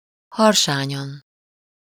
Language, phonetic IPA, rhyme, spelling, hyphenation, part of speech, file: Hungarian, [ˈhɒrʃaːɲɒn], -ɒn, harsányan, har‧sá‧nyan, adverb, Hu-harsányan.ogg
- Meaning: stentoriously, uproariously